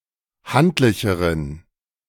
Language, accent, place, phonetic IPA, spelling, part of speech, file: German, Germany, Berlin, [ˈhantlɪçəʁən], handlicheren, adjective, De-handlicheren.ogg
- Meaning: inflection of handlich: 1. strong genitive masculine/neuter singular comparative degree 2. weak/mixed genitive/dative all-gender singular comparative degree